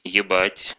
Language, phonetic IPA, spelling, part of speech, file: Russian, [(j)ɪˈbatʲ], ебать, verb / interjection / adverb, Ru-еба́ть.ogg
- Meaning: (verb) 1. to fuck 2. to get on someone's nerves, to be a pain in the arse/ass, to annoy, to blow someone's mind, to mindfuck 3. to concern, to bother, to be of interest